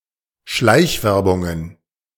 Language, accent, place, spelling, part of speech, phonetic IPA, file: German, Germany, Berlin, Schleichwerbungen, noun, [ˈʃlaɪ̯çˌvɛʁbʊŋən], De-Schleichwerbungen.ogg
- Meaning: plural of Schleichwerbung